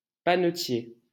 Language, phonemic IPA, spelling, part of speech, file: French, /pa.nə.tje/, panetier, noun, LL-Q150 (fra)-panetier.wav
- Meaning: pantryman